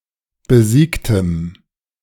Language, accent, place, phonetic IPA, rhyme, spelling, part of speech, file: German, Germany, Berlin, [bəˈziːktəm], -iːktəm, besiegtem, adjective, De-besiegtem.ogg
- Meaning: strong dative masculine/neuter singular of besiegt